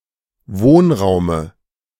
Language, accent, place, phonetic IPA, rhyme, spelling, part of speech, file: German, Germany, Berlin, [ˈvoːnˌʁaʊ̯mə], -oːnʁaʊ̯mə, Wohnraume, noun, De-Wohnraume.ogg
- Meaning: dative of Wohnraum